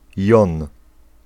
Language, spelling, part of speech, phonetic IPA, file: Polish, jon, noun, [jɔ̃n], Pl-jon.ogg